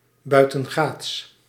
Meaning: offshore, off the harbour
- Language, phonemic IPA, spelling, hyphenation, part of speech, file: Dutch, /ˌbœy̯.tə(n)ˈɣaːts/, buitengaats, bui‧ten‧gaats, adjective, Nl-buitengaats.ogg